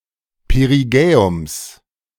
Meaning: genitive singular of Perigäum
- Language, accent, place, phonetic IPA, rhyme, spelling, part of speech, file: German, Germany, Berlin, [peʁiˈɡɛːʊms], -ɛːʊms, Perigäums, noun, De-Perigäums.ogg